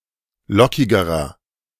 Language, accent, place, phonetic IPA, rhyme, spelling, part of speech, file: German, Germany, Berlin, [ˈlɔkɪɡəʁɐ], -ɔkɪɡəʁɐ, lockigerer, adjective, De-lockigerer.ogg
- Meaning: inflection of lockig: 1. strong/mixed nominative masculine singular comparative degree 2. strong genitive/dative feminine singular comparative degree 3. strong genitive plural comparative degree